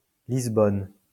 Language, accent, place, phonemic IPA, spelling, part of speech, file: French, France, Lyon, /liz.bɔn/, Lisbonne, proper noun, LL-Q150 (fra)-Lisbonne.wav
- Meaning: Lisbon (the capital city of Portugal)